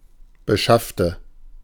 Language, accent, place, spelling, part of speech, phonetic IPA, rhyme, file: German, Germany, Berlin, beschaffte, adjective / verb, [bəˈʃaftə], -aftə, De-beschaffte.ogg
- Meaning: inflection of beschafft: 1. strong/mixed nominative/accusative feminine singular 2. strong nominative/accusative plural 3. weak nominative all-gender singular